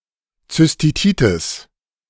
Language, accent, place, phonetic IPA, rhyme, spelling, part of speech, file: German, Germany, Berlin, [t͡sʏsˈtiːtɪs], -iːtɪs, Zystitis, noun, De-Zystitis.ogg
- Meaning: cystitis